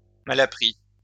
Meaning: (adjective) uncivilized, uneducated, ill-mannered; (noun) rascal, troublemaker
- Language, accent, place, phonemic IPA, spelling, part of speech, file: French, France, Lyon, /ma.la.pʁi/, malappris, adjective / noun, LL-Q150 (fra)-malappris.wav